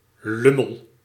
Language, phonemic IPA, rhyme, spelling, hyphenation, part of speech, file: Dutch, /ˈlʏ.məl/, -ʏməl, lummel, lum‧mel, noun / verb, Nl-lummel.ogg
- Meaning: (noun) 1. jerk, dork, turd 2. piggy in the middle (person standing in the middle in keep-away); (verb) inflection of lummelen: first-person singular present indicative